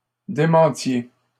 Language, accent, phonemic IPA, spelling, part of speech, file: French, Canada, /de.mɑ̃.tje/, démentiez, verb, LL-Q150 (fra)-démentiez.wav
- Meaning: inflection of démentir: 1. second-person plural imperfect indicative 2. second-person plural present subjunctive